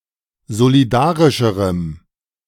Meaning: strong dative masculine/neuter singular comparative degree of solidarisch
- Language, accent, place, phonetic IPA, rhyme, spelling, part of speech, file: German, Germany, Berlin, [zoliˈdaːʁɪʃəʁəm], -aːʁɪʃəʁəm, solidarischerem, adjective, De-solidarischerem.ogg